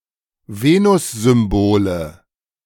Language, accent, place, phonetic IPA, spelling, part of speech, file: German, Germany, Berlin, [ˈveːnʊszʏmˌboːlə], Venussymbole, noun, De-Venussymbole.ogg
- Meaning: nominative/accusative/genitive plural of Venussymbol